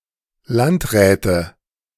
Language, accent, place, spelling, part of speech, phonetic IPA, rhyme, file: German, Germany, Berlin, Landräte, noun, [ˈlantˌʁɛːtə], -antʁɛːtə, De-Landräte.ogg
- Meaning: nominative/accusative/genitive plural of Landrat